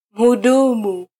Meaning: 1. waiter 2. attendant
- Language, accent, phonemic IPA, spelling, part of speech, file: Swahili, Kenya, /m̩.huˈɗu.mu/, mhudumu, noun, Sw-ke-mhudumu.flac